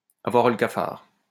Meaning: to have the blues, to feel blue
- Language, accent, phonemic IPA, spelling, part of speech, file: French, France, /a.vwaʁ lə ka.faʁ/, avoir le cafard, verb, LL-Q150 (fra)-avoir le cafard.wav